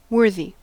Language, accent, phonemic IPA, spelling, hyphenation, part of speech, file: English, US, /ˈwɝ.ði/, worthy, wor‧thy, adjective / noun / verb, En-us-worthy.ogg
- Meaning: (adjective) 1. Having worth, merit, or value 2. Admirable or honourable 3. Deserving, or having sufficient worth 4. Suited; suitable; befitting; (noun) A distinguished or eminent person